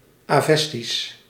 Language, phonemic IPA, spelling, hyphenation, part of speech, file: Dutch, /ˌaːˈvɛs.tis/, Avestisch, Aves‧tisch, proper noun / adjective, Nl-Avestisch.ogg
- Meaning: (proper noun) Avestan (Old Iranian language); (adjective) Avestan